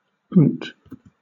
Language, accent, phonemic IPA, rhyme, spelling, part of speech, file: English, Southern England, /ʊnt/, -ʊnt, oont, noun, LL-Q1860 (eng)-oont.wav
- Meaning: A camel